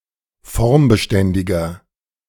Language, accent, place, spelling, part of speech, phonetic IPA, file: German, Germany, Berlin, formbeständiger, adjective, [ˈfɔʁmbəˌʃtɛndɪɡɐ], De-formbeständiger.ogg
- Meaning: 1. comparative degree of formbeständig 2. inflection of formbeständig: strong/mixed nominative masculine singular 3. inflection of formbeständig: strong genitive/dative feminine singular